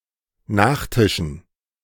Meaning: dative plural of Nachtisch
- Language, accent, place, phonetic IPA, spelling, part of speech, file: German, Germany, Berlin, [ˈnaːxˌtɪʃn̩], Nachtischen, noun, De-Nachtischen.ogg